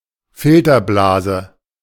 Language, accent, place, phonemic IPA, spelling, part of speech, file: German, Germany, Berlin, /fɪltɐˌblaːzə/, Filterblase, noun, De-Filterblase.ogg
- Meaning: filter bubble